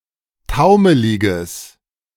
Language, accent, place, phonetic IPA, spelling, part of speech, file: German, Germany, Berlin, [ˈtaʊ̯məlɪɡəs], taumeliges, adjective, De-taumeliges.ogg
- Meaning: strong/mixed nominative/accusative neuter singular of taumelig